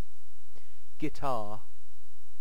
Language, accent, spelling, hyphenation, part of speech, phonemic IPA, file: English, UK, guitar, gui‧tar, noun / verb, /ɡɪˈtɑː/, En-uk-guitar.ogg
- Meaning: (noun) A stringed musical instrument, of European origin, usually with a fretted fingerboard and six strings, played with the fingers or a plectrum (guitar pick)